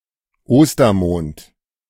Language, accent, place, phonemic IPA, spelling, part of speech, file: German, Germany, Berlin, /ˈoːstɐmoːnt/, Ostermond, proper noun, De-Ostermond.ogg
- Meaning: April